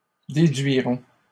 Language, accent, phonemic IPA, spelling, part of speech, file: French, Canada, /de.dɥi.ʁɔ̃/, déduirons, verb, LL-Q150 (fra)-déduirons.wav
- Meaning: first-person plural simple future of déduire